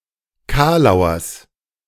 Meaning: genitive of Kalauer
- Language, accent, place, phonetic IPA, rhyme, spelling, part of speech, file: German, Germany, Berlin, [ˈkaːlaʊ̯ɐs], -aːlaʊ̯ɐs, Kalauers, noun, De-Kalauers.ogg